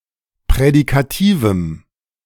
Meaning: strong dative masculine/neuter singular of prädikativ
- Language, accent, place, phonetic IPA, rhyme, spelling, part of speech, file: German, Germany, Berlin, [pʁɛdikaˈtiːvm̩], -iːvm̩, prädikativem, adjective, De-prädikativem.ogg